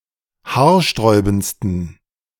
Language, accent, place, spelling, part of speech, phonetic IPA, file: German, Germany, Berlin, haarsträubendsten, adjective, [ˈhaːɐ̯ˌʃtʁɔɪ̯bn̩t͡stən], De-haarsträubendsten.ogg
- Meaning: 1. superlative degree of haarsträubend 2. inflection of haarsträubend: strong genitive masculine/neuter singular superlative degree